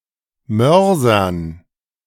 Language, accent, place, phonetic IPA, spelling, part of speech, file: German, Germany, Berlin, [ˈmœʁzɐn], Mörsern, noun, De-Mörsern.ogg
- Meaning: dative plural of Mörser